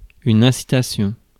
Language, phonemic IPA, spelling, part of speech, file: French, /ɛ̃.si.ta.sjɔ̃/, incitation, noun, Fr-incitation.ogg
- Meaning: incitation